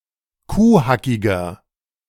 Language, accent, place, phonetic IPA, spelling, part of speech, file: German, Germany, Berlin, [ˈkuːˌhakɪɡɐ], kuhhackiger, adjective, De-kuhhackiger.ogg
- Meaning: inflection of kuhhackig: 1. strong/mixed nominative masculine singular 2. strong genitive/dative feminine singular 3. strong genitive plural